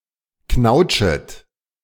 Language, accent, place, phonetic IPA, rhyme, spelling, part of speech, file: German, Germany, Berlin, [ˈknaʊ̯t͡ʃət], -aʊ̯t͡ʃət, knautschet, verb, De-knautschet.ogg
- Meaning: second-person plural subjunctive I of knautschen